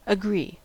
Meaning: 1. To be in harmony about an opinion, statement, or action; to have a consistent idea between two or more people 2. To give assent; to accede 3. To yield assent to; to approve
- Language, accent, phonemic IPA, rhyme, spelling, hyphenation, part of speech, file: English, US, /əˈɡɹi/, -iː, agree, a‧gree, verb, En-us-agree.ogg